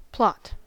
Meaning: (noun) 1. The course of a story, comprising a series of incidents which are gradually unfolded, sometimes by unexpected means 2. An area or land used for building on or planting on 3. A grave
- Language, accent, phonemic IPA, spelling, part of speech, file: English, US, /plɑt/, plot, noun / verb, En-us-plot.ogg